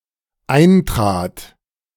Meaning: first/third-person singular dependent preterite of eintreten
- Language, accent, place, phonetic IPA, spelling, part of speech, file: German, Germany, Berlin, [ˈaɪ̯ntʁaːt], eintrat, verb, De-eintrat.ogg